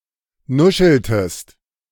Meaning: inflection of nuscheln: 1. second-person singular preterite 2. second-person singular subjunctive II
- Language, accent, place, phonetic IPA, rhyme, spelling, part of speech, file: German, Germany, Berlin, [ˈnʊʃl̩təst], -ʊʃl̩təst, nuscheltest, verb, De-nuscheltest.ogg